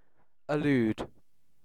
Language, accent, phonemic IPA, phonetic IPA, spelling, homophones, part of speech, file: English, UK, /ɪˈljuːd/, [ɪˈlʉwd], elude, allude, verb, En-uk-elude.ogg
- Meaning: 1. To evade or escape from (someone or something), especially by using cunning or skill 2. To shake off (a pursuer); to give someone the slip